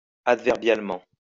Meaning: adverbially
- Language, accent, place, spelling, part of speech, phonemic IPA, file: French, France, Lyon, adverbialement, adverb, /ad.vɛʁ.bjal.mɑ̃/, LL-Q150 (fra)-adverbialement.wav